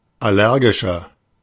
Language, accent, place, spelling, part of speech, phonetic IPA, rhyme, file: German, Germany, Berlin, allergischer, adjective, [ˌaˈlɛʁɡɪʃɐ], -ɛʁɡɪʃɐ, De-allergischer.ogg
- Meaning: 1. comparative degree of allergisch 2. inflection of allergisch: strong/mixed nominative masculine singular 3. inflection of allergisch: strong genitive/dative feminine singular